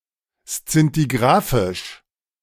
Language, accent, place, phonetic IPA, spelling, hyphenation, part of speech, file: German, Germany, Berlin, [ˈst͡sintiɡʁaːfɪʃ], szintigraphisch, szin‧ti‧gra‧phisch, adverb, De-szintigraphisch.ogg
- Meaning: alternative form of szintigrafisch (“scintigraphic, scintigraphical”)